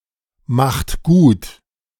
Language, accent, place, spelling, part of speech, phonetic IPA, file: German, Germany, Berlin, macht gut, verb, [ˌmaxt ˈɡuːt], De-macht gut.ogg
- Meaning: inflection of gutmachen: 1. third-person singular present 2. second-person plural present 3. plural imperative